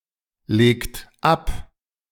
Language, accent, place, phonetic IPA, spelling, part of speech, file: German, Germany, Berlin, [ˌleːkt ˈap], legt ab, verb, De-legt ab.ogg
- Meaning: inflection of ablegen: 1. second-person plural present 2. third-person singular present 3. plural imperative